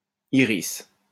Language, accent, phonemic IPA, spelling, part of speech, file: French, France, /i.ʁis/, Iris, proper noun, LL-Q150 (fra)-Iris.wav
- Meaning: 1. Iris 2. a female given name